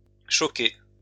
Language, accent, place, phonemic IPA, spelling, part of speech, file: French, France, Lyon, /ʃɔ.ke/, choqué, verb / adjective, LL-Q150 (fra)-choqué.wav
- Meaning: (verb) past participle of choquer; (adjective) shocked, startled